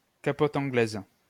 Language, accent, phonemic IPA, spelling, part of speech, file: French, France, /ka.pɔt ɑ̃.ɡlɛz/, capote anglaise, noun, LL-Q150 (fra)-capote anglaise.wav
- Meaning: French letter, rubber johnny, condom